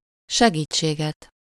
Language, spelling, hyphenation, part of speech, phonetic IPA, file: Hungarian, segítséget, se‧gít‧sé‧get, noun, [ˈʃɛɡiːt͡ʃːeːɡɛt], Hu-segítséget.ogg
- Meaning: accusative singular of segítség